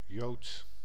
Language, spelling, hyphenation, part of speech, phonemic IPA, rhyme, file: Dutch, jood, jood, noun, /joːt/, -oːt, Nl-jood.ogg
- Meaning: 1. Jew (adherent of Judaism) 2. a supporter of AFC Ajax 3. a dishonest or sneaky person 4. iodine